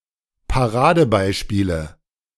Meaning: nominative/accusative/genitive plural of Paradebeispiel
- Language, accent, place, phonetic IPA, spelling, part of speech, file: German, Germany, Berlin, [paˈʁaːdəˌbaɪ̯ʃpiːlə], Paradebeispiele, noun, De-Paradebeispiele.ogg